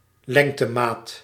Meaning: unit of length
- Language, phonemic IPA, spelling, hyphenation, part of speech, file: Dutch, /ˈlɛŋ.təˌmaːt/, lengtemaat, leng‧te‧maat, noun, Nl-lengtemaat.ogg